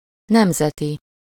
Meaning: national, nationalistic, nationalist
- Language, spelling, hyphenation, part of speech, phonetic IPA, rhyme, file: Hungarian, nemzeti, nem‧ze‧ti, adjective, [ˈnɛmzɛti], -ti, Hu-nemzeti.ogg